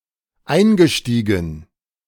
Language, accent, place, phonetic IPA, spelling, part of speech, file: German, Germany, Berlin, [ˈaɪ̯nɡəˌʃtiːɡn̩], eingestiegen, verb, De-eingestiegen.ogg
- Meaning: past participle of einsteigen